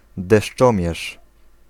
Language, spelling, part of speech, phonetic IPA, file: Polish, deszczomierz, noun, [dɛʃˈt͡ʃɔ̃mʲjɛʃ], Pl-deszczomierz.ogg